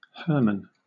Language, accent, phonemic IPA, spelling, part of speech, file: English, Southern England, /ˈhɜːmən/, Herman, proper noun, LL-Q1860 (eng)-Herman.wav
- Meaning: 1. A male given name from the Germanic languages 2. A surname originating as a patronymic 3. A number of places in the United States: An unincorporated community in Craighead County, Arkansas